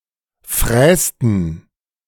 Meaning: inflection of fräsen: 1. first/third-person plural preterite 2. first/third-person plural subjunctive II
- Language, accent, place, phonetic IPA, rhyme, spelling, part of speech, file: German, Germany, Berlin, [ˈfʁɛːstn̩], -ɛːstn̩, frästen, verb, De-frästen.ogg